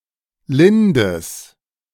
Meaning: strong/mixed nominative/accusative neuter singular of lind
- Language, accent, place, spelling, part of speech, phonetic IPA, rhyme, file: German, Germany, Berlin, lindes, adjective, [ˈlɪndəs], -ɪndəs, De-lindes.ogg